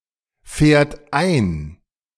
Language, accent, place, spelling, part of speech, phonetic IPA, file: German, Germany, Berlin, fährt ein, verb, [ˌfɛːɐ̯t ˈaɪ̯n], De-fährt ein.ogg
- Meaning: third-person singular present of einfahren